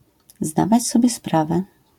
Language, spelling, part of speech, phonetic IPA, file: Polish, zdawać sobie sprawę, phrase, [ˈzdavat͡ɕ ˈsɔbʲjɛ ˈspravɛ], LL-Q809 (pol)-zdawać sobie sprawę.wav